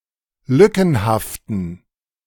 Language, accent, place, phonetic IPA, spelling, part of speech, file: German, Germany, Berlin, [ˈlʏkn̩haftn̩], lückenhaften, adjective, De-lückenhaften.ogg
- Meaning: inflection of lückenhaft: 1. strong genitive masculine/neuter singular 2. weak/mixed genitive/dative all-gender singular 3. strong/weak/mixed accusative masculine singular 4. strong dative plural